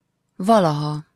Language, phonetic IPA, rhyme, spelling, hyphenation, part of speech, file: Hungarian, [ˈvɒlɒhɒ], -hɒ, valaha, va‧la‧ha, adverb, Hu-valaha.opus
- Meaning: 1. once, formerly, long ago, a long time ago, (approx.) used to 2. ever, anytime, at any time (until the present moment or in the future)